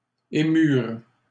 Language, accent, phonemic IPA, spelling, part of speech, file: French, Canada, /e.myʁ/, émurent, verb, LL-Q150 (fra)-émurent.wav
- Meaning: third-person plural past historic of émouvoir